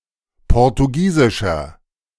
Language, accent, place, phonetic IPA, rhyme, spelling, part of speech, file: German, Germany, Berlin, [ˌpɔʁtuˈɡiːzɪʃɐ], -iːzɪʃɐ, portugiesischer, adjective, De-portugiesischer.ogg
- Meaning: inflection of portugiesisch: 1. strong/mixed nominative masculine singular 2. strong genitive/dative feminine singular 3. strong genitive plural